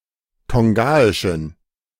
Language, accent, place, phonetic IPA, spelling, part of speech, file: German, Germany, Berlin, [ˈtɔŋɡaɪʃn̩], tongaischen, adjective, De-tongaischen.ogg
- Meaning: inflection of tongaisch: 1. strong genitive masculine/neuter singular 2. weak/mixed genitive/dative all-gender singular 3. strong/weak/mixed accusative masculine singular 4. strong dative plural